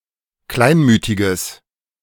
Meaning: strong/mixed nominative/accusative neuter singular of kleinmütig
- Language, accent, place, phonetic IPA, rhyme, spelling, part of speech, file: German, Germany, Berlin, [ˈklaɪ̯nˌmyːtɪɡəs], -aɪ̯nmyːtɪɡəs, kleinmütiges, adjective, De-kleinmütiges.ogg